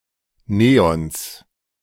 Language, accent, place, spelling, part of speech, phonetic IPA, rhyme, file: German, Germany, Berlin, Neons, noun, [ˈneːɔns], -eːɔns, De-Neons.ogg
- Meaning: genitive singular of Neon